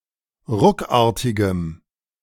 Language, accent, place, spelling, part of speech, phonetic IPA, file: German, Germany, Berlin, ruckartigem, adjective, [ˈʁʊkˌaːɐ̯tɪɡəm], De-ruckartigem.ogg
- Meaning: strong dative masculine/neuter singular of ruckartig